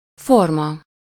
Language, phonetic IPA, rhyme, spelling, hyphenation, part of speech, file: Hungarian, [ˈformɒ], -mɒ, forma, for‧ma, noun, Hu-forma.ogg
- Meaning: 1. form 2. shape